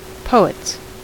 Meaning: plural of poet
- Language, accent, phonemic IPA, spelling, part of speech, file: English, US, /ˈpoʊ.ɪts/, poets, noun, En-us-poets.ogg